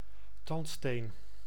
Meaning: dental tartar, calculus
- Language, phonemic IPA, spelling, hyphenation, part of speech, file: Dutch, /ˈtɑnt.steːn/, tandsteen, tand‧steen, noun, Nl-tandsteen.ogg